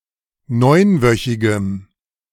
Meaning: strong dative masculine/neuter singular of neunwöchig
- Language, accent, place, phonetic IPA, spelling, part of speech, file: German, Germany, Berlin, [ˈnɔɪ̯nˌvœçɪɡəm], neunwöchigem, adjective, De-neunwöchigem.ogg